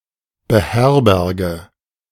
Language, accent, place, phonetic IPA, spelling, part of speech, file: German, Germany, Berlin, [bəˈhɛʁbɛʁɡə], beherberge, verb, De-beherberge.ogg
- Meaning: inflection of beherbergen: 1. first-person singular present 2. first/third-person singular subjunctive I 3. singular imperative